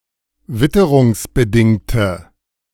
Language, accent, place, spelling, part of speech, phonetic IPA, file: German, Germany, Berlin, witterungsbedingte, adjective, [ˈvɪtəʁʊŋsbəˌdɪŋtə], De-witterungsbedingte.ogg
- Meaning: inflection of witterungsbedingt: 1. strong/mixed nominative/accusative feminine singular 2. strong nominative/accusative plural 3. weak nominative all-gender singular